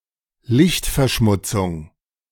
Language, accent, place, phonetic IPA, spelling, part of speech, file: German, Germany, Berlin, [ˈlɪçtfɛɐ̯ˌʃmʊt͡sʊŋ], Lichtverschmutzung, noun, De-Lichtverschmutzung.ogg
- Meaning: light pollution